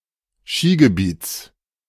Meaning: genitive singular of Skigebiet
- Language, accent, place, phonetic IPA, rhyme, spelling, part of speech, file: German, Germany, Berlin, [ˈʃiːɡəˌbiːt͡s], -iːɡəbiːt͡s, Skigebiets, noun, De-Skigebiets.ogg